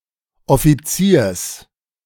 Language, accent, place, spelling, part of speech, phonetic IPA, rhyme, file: German, Germany, Berlin, Offiziers, noun, [ɔfiˈt͡siːɐ̯s], -iːɐ̯s, De-Offiziers.ogg
- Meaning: genitive singular of Offizier